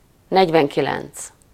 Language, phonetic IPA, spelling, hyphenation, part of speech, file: Hungarian, [ˈnɛɟvɛŋkilɛnt͡s], negyvenkilenc, negy‧ven‧ki‧lenc, numeral, Hu-negyvenkilenc.ogg
- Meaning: forty-nine